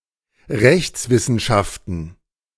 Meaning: plural of Rechtswissenschaft
- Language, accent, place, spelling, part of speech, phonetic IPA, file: German, Germany, Berlin, Rechtswissenschaften, noun, [ˈʁɛçt͡svɪsn̩ˌʃaftn̩], De-Rechtswissenschaften.ogg